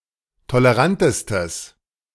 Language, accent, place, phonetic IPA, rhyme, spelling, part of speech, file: German, Germany, Berlin, [toləˈʁantəstəs], -antəstəs, tolerantestes, adjective, De-tolerantestes.ogg
- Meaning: strong/mixed nominative/accusative neuter singular superlative degree of tolerant